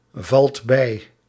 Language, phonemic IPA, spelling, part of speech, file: Dutch, /ˈvɑlt ˈbɛi/, valt bij, verb, Nl-valt bij.ogg
- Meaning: inflection of bijvallen: 1. second/third-person singular present indicative 2. plural imperative